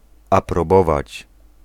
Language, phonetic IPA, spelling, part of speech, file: Polish, [ˌaprɔˈbɔvat͡ɕ], aprobować, verb, Pl-aprobować.ogg